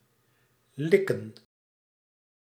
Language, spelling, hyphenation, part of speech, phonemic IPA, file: Dutch, likken, lik‧ken, verb, /ˈlɪ.kə(n)/, Nl-likken.ogg
- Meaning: to lick